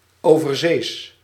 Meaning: overseas
- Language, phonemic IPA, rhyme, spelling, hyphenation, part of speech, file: Dutch, /ˌoː.vərˈzeːs/, -eːs, overzees, over‧zees, adjective, Nl-overzees.ogg